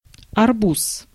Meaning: 1. watermelon 2. milliard, billion
- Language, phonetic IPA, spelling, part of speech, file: Russian, [ɐrˈbus], арбуз, noun, Ru-арбуз.ogg